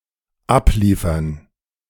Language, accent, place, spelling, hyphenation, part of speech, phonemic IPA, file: German, Germany, Berlin, abliefern, ab‧lie‧fern, verb, /ˈapliːfɐn/, De-abliefern.ogg
- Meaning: 1. to deliver (at a target location) 2. to bring, to hand over, to return someone somewhere (especially into the care or custody of a guardian or authority)